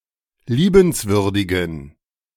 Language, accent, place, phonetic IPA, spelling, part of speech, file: German, Germany, Berlin, [ˈliːbənsvʏʁdɪɡn̩], liebenswürdigen, adjective, De-liebenswürdigen.ogg
- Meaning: inflection of liebenswürdig: 1. strong genitive masculine/neuter singular 2. weak/mixed genitive/dative all-gender singular 3. strong/weak/mixed accusative masculine singular 4. strong dative plural